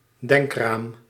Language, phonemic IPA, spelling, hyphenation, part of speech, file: Dutch, /ˈdɛŋkraːm/, denkraam, denk‧raam, noun, Nl-denkraam.ogg
- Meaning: mental framework, frame of reference